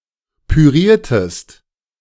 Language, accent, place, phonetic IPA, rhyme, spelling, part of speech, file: German, Germany, Berlin, [pyˈʁiːɐ̯təst], -iːɐ̯təst, püriertest, verb, De-püriertest.ogg
- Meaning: inflection of pürieren: 1. second-person singular preterite 2. second-person singular subjunctive II